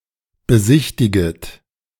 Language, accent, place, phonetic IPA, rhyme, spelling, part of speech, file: German, Germany, Berlin, [bəˈzɪçtɪɡət], -ɪçtɪɡət, besichtiget, verb, De-besichtiget.ogg
- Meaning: second-person plural subjunctive I of besichtigen